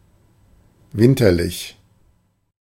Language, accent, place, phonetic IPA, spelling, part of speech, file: German, Germany, Berlin, [ˈvɪntɐlɪç], winterlich, adjective, De-winterlich.ogg
- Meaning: winterly, wintery / wintry, winterish, hiemal (from Latin)